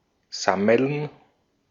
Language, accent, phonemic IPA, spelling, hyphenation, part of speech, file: German, Austria, /ˈsɑmɛln/, sammeln, sam‧meln, verb, De-at-sammeln.ogg
- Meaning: 1. to gather; to assemble; to collect 2. to congregate; to assemble; to meet 3. to collect money